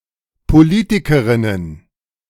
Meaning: plural of Politikerin
- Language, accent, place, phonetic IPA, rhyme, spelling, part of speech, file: German, Germany, Berlin, [poˈliːtɪkəʁɪnən], -iːtɪkəʁɪnən, Politikerinnen, noun, De-Politikerinnen.ogg